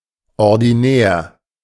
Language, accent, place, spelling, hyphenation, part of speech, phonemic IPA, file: German, Germany, Berlin, ordinär, or‧di‧när, adjective, /ɔrdiˈnɛːr/, De-ordinär.ogg
- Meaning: 1. normal, usual, ordinary 2. commonplace, quotidian, trivial 3. common, vulgar, unrefined, not suited for polite company